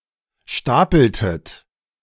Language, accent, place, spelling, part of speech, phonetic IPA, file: German, Germany, Berlin, stapeltet, verb, [ˈʃtaːpl̩tət], De-stapeltet.ogg
- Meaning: inflection of stapeln: 1. second-person plural preterite 2. second-person plural subjunctive II